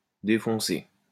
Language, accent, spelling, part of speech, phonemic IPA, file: French, France, défoncé, adjective / verb, /de.fɔ̃.se/, LL-Q150 (fra)-défoncé.wav
- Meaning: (adjective) screwed up, wasted, stoned, high (on drugs); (verb) past participle of défoncer